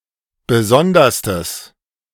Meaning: strong/mixed nominative/accusative neuter singular superlative degree of besondere
- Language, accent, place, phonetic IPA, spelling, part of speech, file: German, Germany, Berlin, [ˈbəˈzɔndɐstəs], besonderstes, adjective, De-besonderstes.ogg